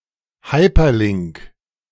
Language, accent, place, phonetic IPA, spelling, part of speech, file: German, Germany, Berlin, [ˈhaɪ̯pɐˌlɪŋk], Hyperlink, noun, De-Hyperlink.ogg
- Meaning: hyperlink